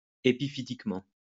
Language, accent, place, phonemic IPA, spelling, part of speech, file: French, France, Lyon, /e.pi.fi.tik.mɑ̃/, épiphytiquement, adverb, LL-Q150 (fra)-épiphytiquement.wav
- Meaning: epiphytically